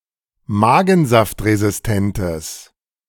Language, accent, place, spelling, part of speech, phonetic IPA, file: German, Germany, Berlin, magensaftresistentes, adjective, [ˈmaːɡn̩zaftʁezɪsˌtɛntəs], De-magensaftresistentes.ogg
- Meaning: strong/mixed nominative/accusative neuter singular of magensaftresistent